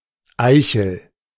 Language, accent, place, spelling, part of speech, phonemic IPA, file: German, Germany, Berlin, Eichel, noun, /ˈaɪ̯çl̩/, De-Eichel.ogg
- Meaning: 1. acorn (fruit of an oak tree) 2. acorns (a suit in German and Swiss playing cards) 3. glans: ellipsis of Peniseichel (“glans penis”) 4. glans: ellipsis of Klitoriseichel (“clitoral glans”)